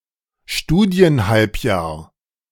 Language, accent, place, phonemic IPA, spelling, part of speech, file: German, Germany, Berlin, /ˈʃtuːdi̯ənˌhalpjaːɐ̯/, Studienhalbjahr, noun, De-Studienhalbjahr.ogg
- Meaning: semester